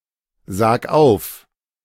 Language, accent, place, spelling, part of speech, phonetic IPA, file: German, Germany, Berlin, sag auf, verb, [ˌzaːk ˈaʊ̯f], De-sag auf.ogg
- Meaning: 1. singular imperative of aufsagen 2. first-person singular present of aufsagen